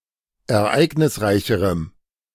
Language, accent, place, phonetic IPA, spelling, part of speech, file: German, Germany, Berlin, [ɛɐ̯ˈʔaɪ̯ɡnɪsˌʁaɪ̯çəʁəm], ereignisreicherem, adjective, De-ereignisreicherem.ogg
- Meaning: strong dative masculine/neuter singular comparative degree of ereignisreich